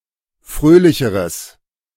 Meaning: strong/mixed nominative/accusative neuter singular comparative degree of fröhlich
- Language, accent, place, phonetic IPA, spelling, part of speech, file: German, Germany, Berlin, [ˈfʁøːlɪçəʁəs], fröhlicheres, adjective, De-fröhlicheres.ogg